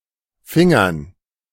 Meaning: dative plural of Finger
- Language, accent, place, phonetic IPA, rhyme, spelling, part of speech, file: German, Germany, Berlin, [ˈfɪŋɐn], -ɪŋɐn, Fingern, noun, De-Fingern.ogg